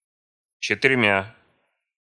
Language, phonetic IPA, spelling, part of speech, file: Russian, [t͡ɕɪtɨrʲˈmʲa], четырьмя, numeral, Ru-четырьмя.ogg
- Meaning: instrumental of четы́ре (četýre)